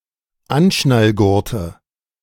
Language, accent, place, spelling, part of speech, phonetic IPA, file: German, Germany, Berlin, Anschnallgurte, noun, [ˈanʃnalˌɡʊʁtə], De-Anschnallgurte.ogg
- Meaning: nominative/accusative/genitive plural of Anschnallgurt